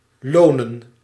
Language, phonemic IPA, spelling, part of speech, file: Dutch, /ˈloːnə(n)/, lonen, verb / noun, Nl-lonen.ogg
- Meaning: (verb) to be rewarding, to pay, to be profitable; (noun) plural of loon